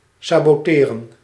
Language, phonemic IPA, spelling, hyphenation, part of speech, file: Dutch, /saːboːˈteːrə(n)/, saboteren, sa‧bo‧te‧ren, verb, Nl-saboteren.ogg
- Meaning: to sabotage